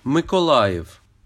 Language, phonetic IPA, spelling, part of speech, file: Ukrainian, [mekɔˈɫajiu̯], Миколаїв, proper noun / adjective, Uk-Миколаїв.ogg
- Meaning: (proper noun) Mykolaiv (a village in Bobrovytsia urban hromada, Nizhyn Raion, Chernihiv Oblast, Ukraine, founded in 1587)